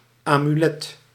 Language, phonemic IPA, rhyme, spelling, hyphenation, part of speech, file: Dutch, /ˌaː.myˈlɛt/, -ɛt, amulet, amu‧let, noun, Nl-amulet.ogg
- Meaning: amulet, talisman